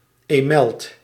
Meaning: larva of a crane fly, juvenile member of the Tipulidae
- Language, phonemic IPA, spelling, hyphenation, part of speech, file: Dutch, /ˈeːmɛlt/, emelt, emelt, noun, Nl-emelt.ogg